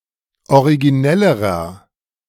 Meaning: inflection of originell: 1. strong/mixed nominative masculine singular comparative degree 2. strong genitive/dative feminine singular comparative degree 3. strong genitive plural comparative degree
- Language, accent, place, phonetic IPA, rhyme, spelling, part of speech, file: German, Germany, Berlin, [oʁiɡiˈnɛləʁɐ], -ɛləʁɐ, originellerer, adjective, De-originellerer.ogg